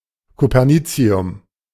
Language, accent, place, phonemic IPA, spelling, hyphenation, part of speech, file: German, Germany, Berlin, /kopɐˈniːt͡si̯ʊm/, Copernicium, Co‧per‧ni‧ci‧um, noun, De-Copernicium.ogg
- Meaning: copernicium